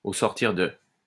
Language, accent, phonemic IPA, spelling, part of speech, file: French, France, /o sɔʁ.tiʁ də/, au sortir de, preposition, LL-Q150 (fra)-au sortir de.wav
- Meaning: at the end of